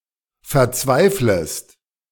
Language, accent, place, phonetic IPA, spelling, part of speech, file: German, Germany, Berlin, [fɛɐ̯ˈt͡svaɪ̯fləst], verzweiflest, verb, De-verzweiflest.ogg
- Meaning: second-person singular subjunctive I of verzweifeln